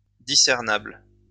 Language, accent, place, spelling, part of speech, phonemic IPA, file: French, France, Lyon, discernable, adjective, /di.sɛʁ.nabl/, LL-Q150 (fra)-discernable.wav
- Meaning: discernible